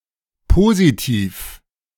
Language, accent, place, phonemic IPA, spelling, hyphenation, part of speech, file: German, Germany, Berlin, /ˈpoːzitiːf/, Positiv, Po‧si‧tiv, noun, De-Positiv.ogg
- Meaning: positive degree